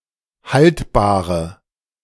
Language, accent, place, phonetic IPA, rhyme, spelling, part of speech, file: German, Germany, Berlin, [ˈhaltbaːʁə], -altbaːʁə, haltbare, adjective, De-haltbare.ogg
- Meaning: inflection of haltbar: 1. strong/mixed nominative/accusative feminine singular 2. strong nominative/accusative plural 3. weak nominative all-gender singular 4. weak accusative feminine/neuter singular